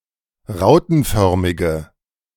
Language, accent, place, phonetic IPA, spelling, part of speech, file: German, Germany, Berlin, [ˈʁaʊ̯tn̩ˌfœʁmɪɡə], rautenförmige, adjective, De-rautenförmige.ogg
- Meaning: inflection of rautenförmig: 1. strong/mixed nominative/accusative feminine singular 2. strong nominative/accusative plural 3. weak nominative all-gender singular